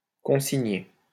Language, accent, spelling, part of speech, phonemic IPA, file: French, France, consigner, verb, /kɔ̃.si.ɲe/, LL-Q150 (fra)-consigner.wav
- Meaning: 1. to confine to quarters 2. to give (somebody) detention 3. to record, to write down 4. to consign